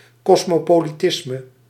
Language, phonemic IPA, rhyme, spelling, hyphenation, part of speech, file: Dutch, /ˌkɔs.moː.poː.liˈtɪs.mə/, -ɪsmə, kosmopolitisme, kos‧mo‧po‧li‧tis‧me, noun, Nl-kosmopolitisme.ogg
- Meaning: cosmopolitanism